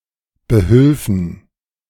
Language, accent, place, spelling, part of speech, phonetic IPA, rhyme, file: German, Germany, Berlin, behülfen, verb, [bəˈhʏlfn̩], -ʏlfn̩, De-behülfen.ogg
- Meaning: first-person plural subjunctive II of behelfen